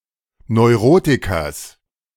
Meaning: genitive singular of Neurotiker
- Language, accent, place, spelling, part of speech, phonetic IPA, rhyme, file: German, Germany, Berlin, Neurotikers, noun, [nɔɪ̯ˈʁoːtɪkɐs], -oːtɪkɐs, De-Neurotikers.ogg